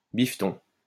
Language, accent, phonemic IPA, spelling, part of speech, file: French, France, /bif.tɔ̃/, biffeton, noun, LL-Q150 (fra)-biffeton.wav
- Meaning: 1. banknote 2. money